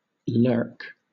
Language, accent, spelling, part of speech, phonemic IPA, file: English, Southern England, lurk, verb / noun, /lɜːk/, LL-Q1860 (eng)-lurk.wav
- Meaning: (verb) 1. To remain concealed in order to ambush 2. To remain unobserved 3. To hang out or wait around a location, preferably without drawing attention to oneself